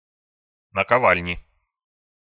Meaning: inflection of накова́льня (nakoválʹnja): 1. genitive singular 2. nominative/accusative plural
- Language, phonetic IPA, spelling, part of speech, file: Russian, [nəkɐˈvalʲnʲɪ], наковальни, noun, Ru-наковальни.ogg